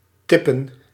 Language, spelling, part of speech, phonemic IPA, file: Dutch, tippen, verb, /ˈtɪ.pə(n)/, Nl-tippen.ogg
- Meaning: 1. to tip (give a gratuity) 2. to tip (give a hint)